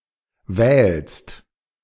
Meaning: second-person singular present of wählen
- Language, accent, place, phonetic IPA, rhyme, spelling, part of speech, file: German, Germany, Berlin, [vɛːlst], -ɛːlst, wählst, verb, De-wählst.ogg